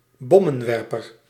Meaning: bomber aircraft
- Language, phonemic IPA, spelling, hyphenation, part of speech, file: Dutch, /ˈbɔ.mə(n)ˌʋɛr.pər/, bommenwerper, bom‧men‧wer‧per, noun, Nl-bommenwerper.ogg